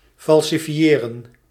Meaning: to falsify (to prove to be false)
- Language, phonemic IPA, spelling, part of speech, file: Dutch, /fɑl.siˈfjeː.rə(n)/, falsifiëren, verb, Nl-falsifiëren.ogg